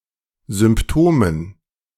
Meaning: dative plural of Symptom
- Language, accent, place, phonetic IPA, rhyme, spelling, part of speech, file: German, Germany, Berlin, [zʏmpˈtoːmən], -oːmən, Symptomen, noun, De-Symptomen.ogg